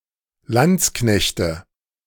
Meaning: nominative/accusative/genitive plural of Landsknecht
- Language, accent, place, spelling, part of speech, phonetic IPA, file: German, Germany, Berlin, Landsknechte, noun, [ˈlant͡sˌknɛçtə], De-Landsknechte.ogg